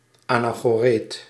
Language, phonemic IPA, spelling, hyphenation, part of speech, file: Dutch, /ˌaː.naː.xoːˈreːt/, anachoreet, ana‧cho‧reet, noun, Nl-anachoreet.ogg
- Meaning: 1. anchorite, hermit monk 2. any other hermit